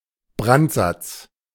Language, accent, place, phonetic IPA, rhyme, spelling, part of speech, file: German, Germany, Berlin, [ˈbʁantˌzat͡s], -antzat͡s, Brandsatz, noun, De-Brandsatz.ogg
- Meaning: 1. incendiary agent 2. incendiary material 3. incendiary composition